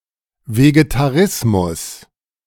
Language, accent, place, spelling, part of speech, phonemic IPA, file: German, Germany, Berlin, Vegetarismus, noun, /ˌveːɡetaˈʁɪsmʊs/, De-Vegetarismus.ogg
- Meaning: vegetarianism